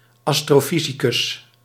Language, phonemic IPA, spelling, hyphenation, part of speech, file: Dutch, /ˌɑstroːˈfizikʏs/, astrofysicus, as‧tro‧fy‧si‧cus, noun, Nl-astrofysicus.ogg
- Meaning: astrophysicist